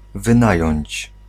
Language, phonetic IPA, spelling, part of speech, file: Polish, [vɨ̃ˈnajɔ̇̃ɲt͡ɕ], wynająć, verb, Pl-wynająć.ogg